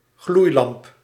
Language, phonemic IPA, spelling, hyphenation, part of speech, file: Dutch, /ˈɣlui̯.lɑmp/, gloeilamp, gloei‧lamp, noun, Nl-gloeilamp.ogg
- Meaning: incandescent light bulb